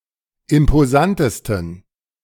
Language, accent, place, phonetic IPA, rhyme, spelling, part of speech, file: German, Germany, Berlin, [ɪmpoˈzantəstn̩], -antəstn̩, imposantesten, adjective, De-imposantesten.ogg
- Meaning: 1. superlative degree of imposant 2. inflection of imposant: strong genitive masculine/neuter singular superlative degree